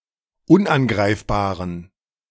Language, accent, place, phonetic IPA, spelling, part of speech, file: German, Germany, Berlin, [ˈʊnʔanˌɡʁaɪ̯fbaːʁən], unangreifbaren, adjective, De-unangreifbaren.ogg
- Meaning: inflection of unangreifbar: 1. strong genitive masculine/neuter singular 2. weak/mixed genitive/dative all-gender singular 3. strong/weak/mixed accusative masculine singular 4. strong dative plural